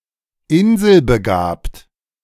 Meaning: savant
- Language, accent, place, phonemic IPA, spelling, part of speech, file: German, Germany, Berlin, /ˈɪnzəlbəˌɡaːpt/, inselbegabt, adjective, De-inselbegabt.ogg